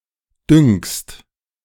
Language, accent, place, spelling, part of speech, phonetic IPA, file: German, Germany, Berlin, dünkst, verb, [dʏŋkst], De-dünkst.ogg
- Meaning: second-person singular present of dünken